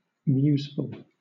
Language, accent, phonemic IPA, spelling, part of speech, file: English, Southern England, /ˈmjuːzfəl/, museful, adjective, LL-Q1860 (eng)-museful.wav
- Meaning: Meditative; thoughtfully silent; ponderous